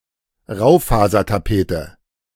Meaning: woodchip wallpaper; ingrain wallpaper
- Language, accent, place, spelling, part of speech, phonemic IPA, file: German, Germany, Berlin, Raufasertapete, noun, /ˈʁaʊ̯faːzɐtaˌpeːtə/, De-Raufasertapete.ogg